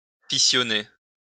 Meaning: to fission
- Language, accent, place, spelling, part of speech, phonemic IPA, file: French, France, Lyon, fissionner, verb, /fi.sjɔ.ne/, LL-Q150 (fra)-fissionner.wav